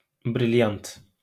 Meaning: diamond (gemstone)
- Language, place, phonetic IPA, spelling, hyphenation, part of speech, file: Azerbaijani, Baku, [bɾɪljɑnt], brilyant, bril‧yant, noun, LL-Q9292 (aze)-brilyant.wav